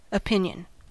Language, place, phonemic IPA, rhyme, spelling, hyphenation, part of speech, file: English, California, /əˈpɪn.jən/, -ɪnjən, opinion, opin‧ion, noun / verb, En-us-opinion.ogg
- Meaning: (noun) A belief, judgment or perspective that a person has formed, either through objective or subjective reasoning, about a topic, issue, person or thing